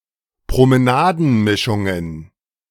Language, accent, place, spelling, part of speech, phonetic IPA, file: German, Germany, Berlin, Promenadenmischungen, noun, [pʁoməˈnaːdn̩ˌmɪʃʊŋən], De-Promenadenmischungen.ogg
- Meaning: plural of Promenadenmischung